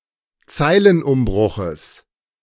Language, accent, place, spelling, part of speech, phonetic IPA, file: German, Germany, Berlin, Zeilenumbruches, noun, [ˈt͡saɪ̯lənˌʔʊmbʁʊxəs], De-Zeilenumbruches.ogg
- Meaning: genitive singular of Zeilenumbruch